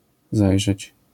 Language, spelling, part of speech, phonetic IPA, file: Polish, zajrzeć, verb, [ˈzajʒɛt͡ɕ], LL-Q809 (pol)-zajrzeć.wav